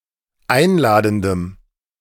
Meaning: strong dative masculine/neuter singular of einladend
- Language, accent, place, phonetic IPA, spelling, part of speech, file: German, Germany, Berlin, [ˈaɪ̯nˌlaːdn̩dəm], einladendem, adjective, De-einladendem.ogg